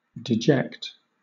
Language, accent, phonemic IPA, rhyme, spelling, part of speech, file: English, Southern England, /dɪˈdʒɛkt/, -ɛkt, deject, verb / noun, LL-Q1860 (eng)-deject.wav
- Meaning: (verb) 1. Make sad or dispirited 2. To cast downward 3. To debase or humble; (noun) 1. One who is lowly or abject 2. A waste product